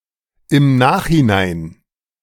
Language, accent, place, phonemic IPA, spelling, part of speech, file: German, Germany, Berlin, /ɪmˈnaːx(h)iˌnaɪ̯n/, im Nachhinein, adverb, De-im Nachhinein.ogg
- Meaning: afterwards; after the fact; in hindsight